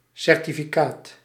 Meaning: 1. certificate, document as certified proof 2. certificate, various financial documents
- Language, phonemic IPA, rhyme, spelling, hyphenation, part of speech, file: Dutch, /ˌsɛr.ti.fiˈkaːt/, -aːt, certificaat, cer‧ti‧fi‧caat, noun, Nl-certificaat.ogg